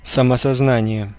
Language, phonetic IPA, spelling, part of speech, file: Russian, [səməsɐzˈnanʲɪje], самосознание, noun, Ru-самосознание.ogg
- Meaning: self-awareness (state of being self-aware)